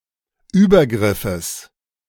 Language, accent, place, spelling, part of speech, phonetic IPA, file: German, Germany, Berlin, Übergriffes, noun, [ˈyːbɐˌɡʁɪfəs], De-Übergriffes.ogg
- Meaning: genitive singular of Übergriff